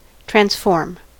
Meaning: 1. An operation (often an integration) that converts one function into another 2. A function so produced 3. A transform fault
- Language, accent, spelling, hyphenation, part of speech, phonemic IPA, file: English, US, transform, trans‧form, noun, /ˈtɹænsfɔɹm/, En-us-transform.ogg